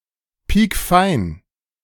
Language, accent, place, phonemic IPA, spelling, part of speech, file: German, Germany, Berlin, /ˈpiːkˈfaɪ̯n/, piekfein, adjective, De-piekfein.ogg
- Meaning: posh; fancy